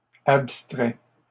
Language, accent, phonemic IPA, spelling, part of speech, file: French, Canada, /ap.stʁɛ/, abstraies, verb, LL-Q150 (fra)-abstraies.wav
- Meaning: second-person singular present subjunctive of abstraire